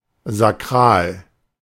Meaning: 1. sacred, holy 2. sacral
- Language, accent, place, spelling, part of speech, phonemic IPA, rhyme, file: German, Germany, Berlin, sakral, adjective, /zaˈkʁaːl/, -aːl, De-sakral.ogg